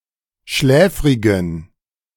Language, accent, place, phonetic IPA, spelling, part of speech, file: German, Germany, Berlin, [ˈʃlɛːfʁɪɡn̩], schläfrigen, adjective, De-schläfrigen.ogg
- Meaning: inflection of schläfrig: 1. strong genitive masculine/neuter singular 2. weak/mixed genitive/dative all-gender singular 3. strong/weak/mixed accusative masculine singular 4. strong dative plural